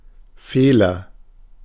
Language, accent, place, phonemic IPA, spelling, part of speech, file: German, Germany, Berlin, /ˈfeːlɐ/, Fehler, noun, De-Fehler.ogg
- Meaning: fault, error, mistake